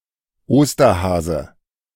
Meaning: Easter Bunny
- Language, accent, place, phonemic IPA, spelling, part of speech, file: German, Germany, Berlin, /ˈoːstɐˌhaːzə/, Osterhase, noun, De-Osterhase.ogg